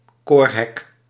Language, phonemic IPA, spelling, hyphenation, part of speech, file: Dutch, /ˈkoːr.ɦɛk/, koorhek, koor‧hek, noun, Nl-koorhek.ogg
- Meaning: a choir screen in a church